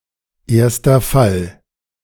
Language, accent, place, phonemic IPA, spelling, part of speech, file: German, Germany, Berlin, /ˌʔɛɐ̯stɐ ˈfal/, erster Fall, noun, De-erster Fall.ogg
- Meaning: nominative case